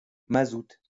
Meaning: 1. heating oil 2. a cocktail made with beer and cola 3. a cocktail made with pastis and cola
- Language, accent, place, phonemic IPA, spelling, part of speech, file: French, France, Lyon, /ma.zut/, mazout, noun, LL-Q150 (fra)-mazout.wav